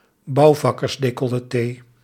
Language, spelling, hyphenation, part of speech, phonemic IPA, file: Dutch, bouwvakkersdecolleté, bouw‧vak‧kers‧de‧col‧le‧té, noun, /ˈbɑu̯.vɑ.kərs.deː.kɔ.ləˌteː/, Nl-bouwvakkersdecolleté.ogg
- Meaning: a plumber's crack, a builder's bum: cleavage visible between the buttocks, especially when squatting